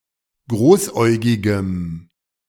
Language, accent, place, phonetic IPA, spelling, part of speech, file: German, Germany, Berlin, [ˈɡʁoːsˌʔɔɪ̯ɡɪɡəm], großäugigem, adjective, De-großäugigem.ogg
- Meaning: strong dative masculine/neuter singular of großäugig